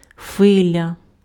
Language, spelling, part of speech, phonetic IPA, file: Ukrainian, хвиля, noun, [ˈxʋɪlʲɐ], Uk-хвиля.ogg
- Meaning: 1. wave 2. wavelength 3. minute 4. moment, instant